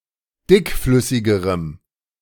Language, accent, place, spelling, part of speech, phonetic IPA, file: German, Germany, Berlin, dickflüssigerem, adjective, [ˈdɪkˌflʏsɪɡəʁəm], De-dickflüssigerem.ogg
- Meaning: strong dative masculine/neuter singular comparative degree of dickflüssig